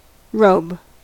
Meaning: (noun) 1. A long loose outer garment, often signifying honorary stature 2. The skin of an animal, especially the bison, dressed with the fur on, and used as a wrap
- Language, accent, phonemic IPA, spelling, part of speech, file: English, US, /ɹoʊb/, robe, noun / verb, En-us-robe.ogg